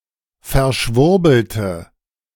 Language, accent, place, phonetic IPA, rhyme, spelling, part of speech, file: German, Germany, Berlin, [fɛɐ̯ˈʃvʊʁbl̩tə], -ʊʁbl̩tə, verschwurbelte, adjective, De-verschwurbelte.ogg
- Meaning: inflection of verschwurbelt: 1. strong/mixed nominative/accusative feminine singular 2. strong nominative/accusative plural 3. weak nominative all-gender singular